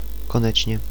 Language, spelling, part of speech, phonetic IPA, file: Czech, konečně, adverb, [ˈkonɛt͡ʃɲɛ], Cs-konečně.ogg
- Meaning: at last, finally